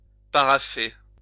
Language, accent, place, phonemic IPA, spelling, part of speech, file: French, France, Lyon, /pa.ʁa.fe/, parapher, verb, LL-Q150 (fra)-parapher.wav
- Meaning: to sign or initial a document